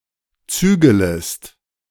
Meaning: second-person singular subjunctive I of zügeln
- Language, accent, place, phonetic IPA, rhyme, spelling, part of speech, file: German, Germany, Berlin, [ˈt͡syːɡələst], -yːɡələst, zügelest, verb, De-zügelest.ogg